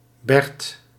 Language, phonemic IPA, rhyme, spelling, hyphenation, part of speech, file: Dutch, /bɛrt/, -ɛrt, berd, berd, noun, Nl-berd.ogg
- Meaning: 1. plank, board 2. tabletop